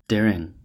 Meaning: daring
- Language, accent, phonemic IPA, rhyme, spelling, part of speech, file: English, US, /ˈdɛɹɪŋ/, -ɛɹɪŋ, derring, adjective, En-us-derring.ogg